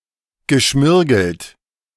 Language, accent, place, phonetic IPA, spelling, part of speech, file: German, Germany, Berlin, [ɡəˈʃmɪʁɡl̩t], geschmirgelt, verb, De-geschmirgelt.ogg
- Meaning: past participle of schmirgeln